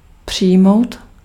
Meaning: 1. to accept 2. to receive
- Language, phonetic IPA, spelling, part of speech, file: Czech, [ˈpr̝̊ɪjmou̯t], přijmout, verb, Cs-přijmout.ogg